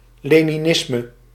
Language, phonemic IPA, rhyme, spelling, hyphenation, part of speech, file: Dutch, /ˌleː.niˈnɪs.mə/, -ɪsmə, leninisme, le‧ni‧nis‧me, noun, Nl-leninisme.ogg
- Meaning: Leninism